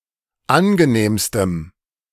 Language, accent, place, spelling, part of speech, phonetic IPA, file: German, Germany, Berlin, angenehmstem, adjective, [ˈanɡəˌneːmstəm], De-angenehmstem.ogg
- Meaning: strong dative masculine/neuter singular superlative degree of angenehm